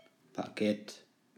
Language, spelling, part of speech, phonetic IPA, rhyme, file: German, Baguette, noun, [baˈɡɛt], -ɛt, De-Baguette.ogg
- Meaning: baguette